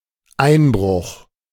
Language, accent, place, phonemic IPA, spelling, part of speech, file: German, Germany, Berlin, /ˈaɪ̯nbʁʊx/, Einbruch, noun, De-Einbruch.ogg
- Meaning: 1. burglary, break-in 2. slump